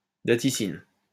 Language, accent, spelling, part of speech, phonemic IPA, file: French, France, datiscine, noun, /da.ti.sin/, LL-Q150 (fra)-datiscine.wav
- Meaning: datiscin